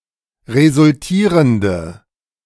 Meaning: inflection of resultierend: 1. strong/mixed nominative/accusative feminine singular 2. strong nominative/accusative plural 3. weak nominative all-gender singular
- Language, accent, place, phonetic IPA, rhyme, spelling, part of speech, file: German, Germany, Berlin, [ʁezʊlˈtiːʁəndə], -iːʁəndə, resultierende, adjective, De-resultierende.ogg